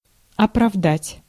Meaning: 1. to justify, to warrant, to authorize, to vindicate 2. to acquit, to discharge; to exonerate 3. to excuse
- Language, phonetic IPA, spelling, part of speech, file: Russian, [ɐprɐvˈdatʲ], оправдать, verb, Ru-оправдать.ogg